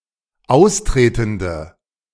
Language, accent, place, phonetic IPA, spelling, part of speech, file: German, Germany, Berlin, [ˈaʊ̯sˌtʁeːtn̩də], austretende, adjective, De-austretende.ogg
- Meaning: inflection of austretend: 1. strong/mixed nominative/accusative feminine singular 2. strong nominative/accusative plural 3. weak nominative all-gender singular